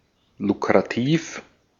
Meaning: lucrative (profitable, allowing the earning of a lot of money)
- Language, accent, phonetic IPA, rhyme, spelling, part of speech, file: German, Austria, [lukʁaˈtiːf], -iːf, lukrativ, adjective, De-at-lukrativ.ogg